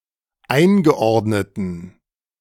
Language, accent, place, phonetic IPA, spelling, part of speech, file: German, Germany, Berlin, [ˈaɪ̯nɡəˌʔɔʁdnətn̩], eingeordneten, adjective, De-eingeordneten.ogg
- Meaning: inflection of eingeordnet: 1. strong genitive masculine/neuter singular 2. weak/mixed genitive/dative all-gender singular 3. strong/weak/mixed accusative masculine singular 4. strong dative plural